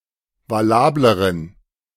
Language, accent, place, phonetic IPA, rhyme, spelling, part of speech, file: German, Germany, Berlin, [vaˈlaːbləʁən], -aːbləʁən, valableren, adjective, De-valableren.ogg
- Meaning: inflection of valabel: 1. strong genitive masculine/neuter singular comparative degree 2. weak/mixed genitive/dative all-gender singular comparative degree